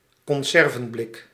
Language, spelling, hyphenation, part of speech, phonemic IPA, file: Dutch, conservenblik, con‧ser‧ven‧blik, noun, /kɔnˈzɛr.və(n)ˌblɪk/, Nl-conservenblik.ogg
- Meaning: can containing preserved food, a tin-plate canister as used for canned food